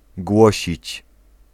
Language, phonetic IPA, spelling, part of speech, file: Polish, [ˈɡwɔɕit͡ɕ], głosić, verb, Pl-głosić.ogg